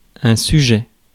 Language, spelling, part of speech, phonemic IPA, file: French, sujet, adjective / noun, /sy.ʒɛ/, Fr-sujet.ogg
- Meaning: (adjective) subject; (noun) 1. subject (in a monarchy) 2. subject (topic, theme) 3. cause, reason 4. exam paper (on which the questions or tasks of an examination are written)